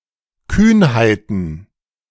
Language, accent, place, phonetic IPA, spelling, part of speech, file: German, Germany, Berlin, [ˈkyːnhaɪ̯tn̩], Kühnheiten, noun, De-Kühnheiten.ogg
- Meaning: plural of Kühnheit